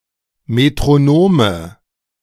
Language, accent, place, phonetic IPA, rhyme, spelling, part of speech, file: German, Germany, Berlin, [metʁoˈnoːmə], -oːmə, Metronome, noun, De-Metronome.ogg
- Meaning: nominative/accusative/genitive plural of Metronom